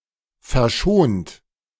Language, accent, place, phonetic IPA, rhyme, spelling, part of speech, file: German, Germany, Berlin, [fɛɐ̯ˈʃoːnt], -oːnt, verschont, verb, De-verschont.ogg
- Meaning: 1. past participle of verschonen 2. inflection of verschonen: second-person plural present 3. inflection of verschonen: third-person singular present 4. inflection of verschonen: plural imperative